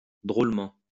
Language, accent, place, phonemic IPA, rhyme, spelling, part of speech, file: French, France, Lyon, /dʁol.mɑ̃/, -ɑ̃, drôlement, adverb, LL-Q150 (fra)-drôlement.wav
- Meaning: 1. funnily 2. loads, tons ("very much so")